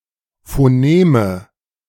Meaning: nominative/accusative/genitive plural of Phonem
- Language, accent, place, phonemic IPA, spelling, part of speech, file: German, Germany, Berlin, /foˈneːmə/, Phoneme, noun, De-Phoneme.ogg